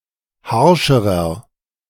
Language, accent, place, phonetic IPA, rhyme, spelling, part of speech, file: German, Germany, Berlin, [ˈhaʁʃəʁɐ], -aʁʃəʁɐ, harscherer, adjective, De-harscherer.ogg
- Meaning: inflection of harsch: 1. strong/mixed nominative masculine singular comparative degree 2. strong genitive/dative feminine singular comparative degree 3. strong genitive plural comparative degree